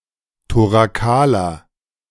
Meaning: inflection of thorakal: 1. strong/mixed nominative masculine singular 2. strong genitive/dative feminine singular 3. strong genitive plural
- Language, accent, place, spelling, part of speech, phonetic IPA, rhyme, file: German, Germany, Berlin, thorakaler, adjective, [toʁaˈkaːlɐ], -aːlɐ, De-thorakaler.ogg